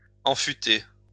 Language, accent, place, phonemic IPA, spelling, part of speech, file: French, France, Lyon, /ɑ̃.fy.te/, enfuter, verb, LL-Q150 (fra)-enfuter.wav
- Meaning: post-1990 spelling of enfûter